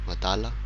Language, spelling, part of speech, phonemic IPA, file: Malagasy, adala, adjective, /adalạ/, Mg-adala.ogg
- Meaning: foolish; crazy